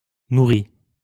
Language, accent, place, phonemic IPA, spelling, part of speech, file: French, France, Lyon, /nu.ʁi/, nourri, adjective / verb, LL-Q150 (fra)-nourri.wav
- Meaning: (adjective) 1. fed, nourished 2. heavy, sustained; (verb) past participle of nourrir